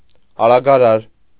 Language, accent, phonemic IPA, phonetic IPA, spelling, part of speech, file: Armenian, Eastern Armenian, /ɑɾɑɡɑˈɾɑɾ/, [ɑɾɑɡɑɾɑ́ɾ], արագարար, noun, Hy-արագարար.ogg
- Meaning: accelerator, gas pedal